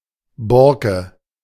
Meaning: bark (on a tree)
- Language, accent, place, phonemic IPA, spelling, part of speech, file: German, Germany, Berlin, /ˈbɔrkə/, Borke, noun, De-Borke.ogg